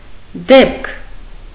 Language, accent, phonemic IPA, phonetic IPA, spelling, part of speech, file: Armenian, Eastern Armenian, /depkʰ/, [depkʰ], դեպք, noun, Hy-դեպք.ogg
- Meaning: 1. incident, event, occurrence 2. condition, circumstance 3. occasion